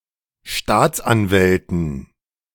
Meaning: dative plural of Staatsanwalt
- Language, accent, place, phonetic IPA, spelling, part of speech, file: German, Germany, Berlin, [ˈʃtaːt͡sʔanˌvɛltn̩], Staatsanwälten, noun, De-Staatsanwälten.ogg